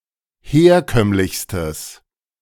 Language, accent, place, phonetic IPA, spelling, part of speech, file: German, Germany, Berlin, [ˈheːɐ̯ˌkœmlɪçstəs], herkömmlichstes, adjective, De-herkömmlichstes.ogg
- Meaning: strong/mixed nominative/accusative neuter singular superlative degree of herkömmlich